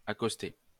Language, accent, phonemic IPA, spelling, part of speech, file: French, France, /a.kɔs.te/, accosté, verb, LL-Q150 (fra)-accosté.wav
- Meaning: past participle of accoster